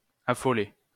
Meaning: 1. to madden, drive crazy (under the effects of a strong emotion) 2. to terrify, frighten, scare 3. to run like crazy, leg it 4. to go crazy, go bonkers 5. to hurry up, to make haste
- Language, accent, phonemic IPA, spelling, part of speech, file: French, France, /a.fɔ.le/, affoler, verb, LL-Q150 (fra)-affoler.wav